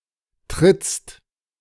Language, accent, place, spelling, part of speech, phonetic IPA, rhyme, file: German, Germany, Berlin, trittst, verb, [tʁɪt͡st], -ɪt͡st, De-trittst.ogg
- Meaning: second-person singular present of treten